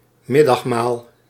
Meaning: lunch, midday meal
- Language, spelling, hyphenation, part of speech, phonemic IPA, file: Dutch, middagmaal, mid‧dag‧maal, noun, /ˈmɪ.dɑxˌmaːl/, Nl-middagmaal.ogg